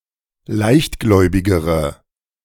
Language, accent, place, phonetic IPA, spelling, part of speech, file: German, Germany, Berlin, [ˈlaɪ̯çtˌɡlɔɪ̯bɪɡəʁə], leichtgläubigere, adjective, De-leichtgläubigere.ogg
- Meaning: inflection of leichtgläubig: 1. strong/mixed nominative/accusative feminine singular comparative degree 2. strong nominative/accusative plural comparative degree